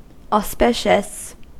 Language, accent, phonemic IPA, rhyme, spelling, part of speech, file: English, US, /ɔˈspɪʃ.əs/, -ɪʃəs, auspicious, adjective, En-us-auspicious.ogg
- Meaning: 1. Of good omen; indicating future success 2. Conducive to success 3. Marked by success; prosperous